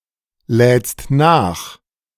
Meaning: second-person singular present of nachladen
- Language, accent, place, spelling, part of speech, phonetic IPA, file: German, Germany, Berlin, lädst nach, verb, [ˌlɛːt͡st ˈnaːx], De-lädst nach.ogg